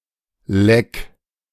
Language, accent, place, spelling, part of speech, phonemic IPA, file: German, Germany, Berlin, Leck, noun, /lɛk/, De-Leck.ogg
- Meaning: 1. leak (hole in a large container, such as in a tank) 2. leak (hole in the body of a ship) 3. leak (unauthorized release of private or classified information)